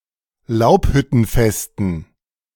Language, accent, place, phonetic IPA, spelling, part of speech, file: German, Germany, Berlin, [ˈlaʊ̯phʏtn̩ˌfɛstn̩], Laubhüttenfesten, noun, De-Laubhüttenfesten.ogg
- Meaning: dative plural of Laubhüttenfest